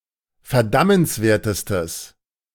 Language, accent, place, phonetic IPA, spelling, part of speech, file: German, Germany, Berlin, [fɛɐ̯ˈdamənsˌveːɐ̯təstəs], verdammenswertestes, adjective, De-verdammenswertestes.ogg
- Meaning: strong/mixed nominative/accusative neuter singular superlative degree of verdammenswert